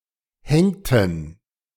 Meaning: inflection of hängen: 1. first/third-person plural preterite 2. first/third-person plural subjunctive II
- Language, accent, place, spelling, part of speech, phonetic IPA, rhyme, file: German, Germany, Berlin, hängten, verb, [ˈhɛŋtn̩], -ɛŋtn̩, De-hängten.ogg